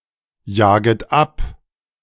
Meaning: second-person plural subjunctive I of abjagen
- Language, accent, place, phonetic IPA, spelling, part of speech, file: German, Germany, Berlin, [ˌjaːɡət ˈap], jaget ab, verb, De-jaget ab.ogg